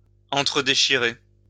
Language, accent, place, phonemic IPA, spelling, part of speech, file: French, France, Lyon, /ɑ̃.tʁə.de.ʃi.ʁe/, entredéchirer, verb, LL-Q150 (fra)-entredéchirer.wav
- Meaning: 1. to tear apart 2. to tear one another apart